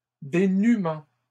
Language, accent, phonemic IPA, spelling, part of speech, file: French, Canada, /de.ny.mɑ̃/, dénuements, noun, LL-Q150 (fra)-dénuements.wav
- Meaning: plural of dénuement